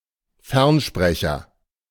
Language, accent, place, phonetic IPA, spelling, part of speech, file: German, Germany, Berlin, [ˈfɛʁnˌʃpʁɛçɐ], Fernsprecher, noun, De-Fernsprecher.ogg
- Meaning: telephone